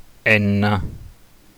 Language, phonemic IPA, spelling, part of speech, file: Italian, /ˈɛnna/, Enna, proper noun, It-Enna.ogg